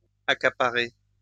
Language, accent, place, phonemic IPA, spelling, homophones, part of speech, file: French, France, Lyon, /a.ka.pa.ʁe/, accaparez, accaparai / accaparé / accaparée / accaparées / accaparer / accaparés, verb, LL-Q150 (fra)-accaparez.wav
- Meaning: inflection of accaparer: 1. second-person plural present indicative 2. second-person plural imperative